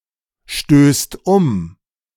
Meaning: second/third-person singular present of umstoßen
- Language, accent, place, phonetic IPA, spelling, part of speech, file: German, Germany, Berlin, [ˌʃtøːst ˈʊm], stößt um, verb, De-stößt um.ogg